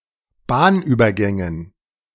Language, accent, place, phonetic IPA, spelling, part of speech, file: German, Germany, Berlin, [ˈbaːnʔyːbɐˌɡɛŋən], Bahnübergängen, noun, De-Bahnübergängen.ogg
- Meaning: dative plural of Bahnübergang